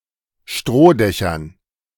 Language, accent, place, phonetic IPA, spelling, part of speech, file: German, Germany, Berlin, [ˈʃtʁoːˌdɛçɐn], Strohdächern, noun, De-Strohdächern.ogg
- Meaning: dative plural of Strohdach